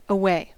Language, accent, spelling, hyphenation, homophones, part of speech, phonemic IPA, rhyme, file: English, US, away, a‧way, aweigh, adverb / interjection / adjective / verb, /əˈweɪ/, -eɪ, En-us-away.ogg
- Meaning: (adverb) 1. From a place, hence 2. Aside; off; in another direction 3. Aside, so as to discard something 4. At a stated distance in time or space 5. In or to something's usual or proper storage place